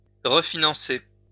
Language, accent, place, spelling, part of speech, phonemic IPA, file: French, France, Lyon, refinancer, verb, /ʁə.fi.nɑ̃.se/, LL-Q150 (fra)-refinancer.wav
- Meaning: to refinance, to recapitalize